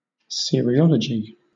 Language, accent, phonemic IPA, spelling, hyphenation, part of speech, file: English, Southern England, /sɪ.ə.ɹɪˈɒ.lə.dʒi/, cereology, ce‧re‧o‧lo‧gy, noun, LL-Q1860 (eng)-cereology.wav
- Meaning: The investigation, or practice, of creating crop circles